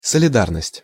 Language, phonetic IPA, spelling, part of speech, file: Russian, [səlʲɪˈdarnəsʲtʲ], солидарность, noun, Ru-солидарность.ogg
- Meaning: solidarity